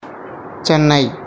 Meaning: 1. The capital and largest city of Tamil Nadu, India, formerly known as Madras 2. A district of Tamil Nadu, India, containing most of metro Chennai
- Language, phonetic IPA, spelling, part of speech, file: English, [ˈt͡ʃenːai̯], Chennai, proper noun, En-Chennai.ogg